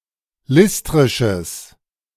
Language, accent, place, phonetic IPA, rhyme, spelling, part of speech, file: German, Germany, Berlin, [ˈlɪstʁɪʃəs], -ɪstʁɪʃəs, listrisches, adjective, De-listrisches.ogg
- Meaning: strong/mixed nominative/accusative neuter singular of listrisch